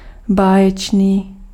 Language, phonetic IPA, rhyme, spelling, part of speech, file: Czech, [ˈbaːjɛt͡ʃniː], -ɛtʃniː, báječný, adjective, Cs-báječný.ogg
- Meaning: 1. wonderful (very good) 2. mythical